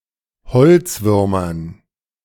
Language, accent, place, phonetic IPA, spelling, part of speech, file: German, Germany, Berlin, [ˈhɔlt͡sˌvʏʁmɐn], Holzwürmern, noun, De-Holzwürmern.ogg
- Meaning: dative plural of Holzwurm